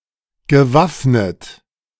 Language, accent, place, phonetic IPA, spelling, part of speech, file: German, Germany, Berlin, [ɡəˈvafnət], gewaffnet, verb, De-gewaffnet.ogg
- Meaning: past participle of waffnen